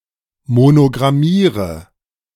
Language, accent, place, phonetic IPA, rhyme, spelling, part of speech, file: German, Germany, Berlin, [monoɡʁaˈmiːʁə], -iːʁə, monogrammiere, verb, De-monogrammiere.ogg
- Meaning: inflection of monogrammieren: 1. first-person singular present 2. first/third-person singular subjunctive I 3. singular imperative